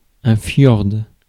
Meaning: alternative spelling of fjord
- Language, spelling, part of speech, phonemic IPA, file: French, fiord, noun, /fjɔʁd/, Fr-fiord.ogg